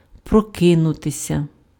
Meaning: to wake up, to wake, to awake (become conscious after sleep)
- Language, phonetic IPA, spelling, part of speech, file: Ukrainian, [prɔˈkɪnʊtesʲɐ], прокинутися, verb, Uk-прокинутися.ogg